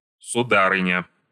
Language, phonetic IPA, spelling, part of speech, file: Russian, [sʊˈdarɨnʲə], сударыня, noun, Ru-сударыня.ogg
- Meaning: female equivalent of су́дарь (súdarʹ): madam, milady